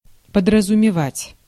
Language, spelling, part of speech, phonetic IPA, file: Russian, подразумевать, verb, [pədrəzʊmʲɪˈvatʲ], Ru-подразумевать.ogg
- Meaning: to imply, to mean, to have in mind